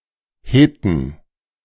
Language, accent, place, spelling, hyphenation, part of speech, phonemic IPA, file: German, Germany, Berlin, Heten, He‧ten, noun, /ˈhetən/, De-Heten.ogg
- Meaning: plural of Hete